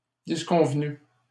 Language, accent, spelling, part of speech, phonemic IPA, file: French, Canada, disconvenu, verb, /dis.kɔ̃v.ny/, LL-Q150 (fra)-disconvenu.wav
- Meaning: past participle of disconvenir